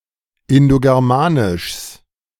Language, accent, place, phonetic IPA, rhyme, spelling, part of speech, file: German, Germany, Berlin, [ɪndoɡɛʁˈmaːnɪʃs], -aːnɪʃs, Indogermanischs, noun, De-Indogermanischs.ogg
- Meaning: genitive singular of Indogermanisch